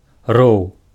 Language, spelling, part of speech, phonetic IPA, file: Belarusian, роў, noun, [rou̯], Be-роў.ogg
- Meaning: 1. ditch, trench, moat 2. roar, bellow (long, loud, deep shout) 3. howl (loud cry)